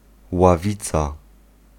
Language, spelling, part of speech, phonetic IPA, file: Polish, ławica, noun, [waˈvʲit͡sa], Pl-ławica.ogg